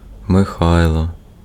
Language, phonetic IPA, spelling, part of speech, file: Ukrainian, [meˈxai̯ɫɔ], Михайло, proper noun, Uk-Михайло.ogg
- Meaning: a male given name, Mykhaylo, equivalent to English Michael